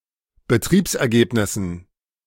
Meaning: dative plural of Betriebsergebnis
- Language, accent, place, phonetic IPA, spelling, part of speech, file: German, Germany, Berlin, [bəˈtʁiːpsʔɛɐ̯ˌɡeːpnɪsn̩], Betriebsergebnissen, noun, De-Betriebsergebnissen.ogg